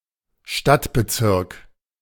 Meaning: A district (formal division of a city in various jurisdictions)
- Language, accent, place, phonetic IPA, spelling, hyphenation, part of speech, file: German, Germany, Berlin, [ˈʃtatbəˌtsɪʁk], Stadtbezirk, Stadt‧be‧zirk, noun, De-Stadtbezirk.ogg